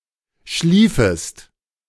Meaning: 1. second-person singular subjunctive II of schlafen 2. second-person singular subjunctive I of schliefen
- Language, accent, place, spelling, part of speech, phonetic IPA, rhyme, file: German, Germany, Berlin, schliefest, verb, [ˈʃliːfəst], -iːfəst, De-schliefest.ogg